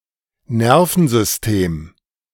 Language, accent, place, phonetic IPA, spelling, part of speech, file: German, Germany, Berlin, [ˈnɛʁfn̩zʏsˌteːm], Nervensystem, noun, De-Nervensystem.ogg
- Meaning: nervous system